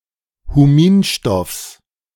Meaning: genitive singular of Huminstoff
- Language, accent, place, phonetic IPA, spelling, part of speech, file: German, Germany, Berlin, [huˈmiːnˌʃtɔfs], Huminstoffs, noun, De-Huminstoffs.ogg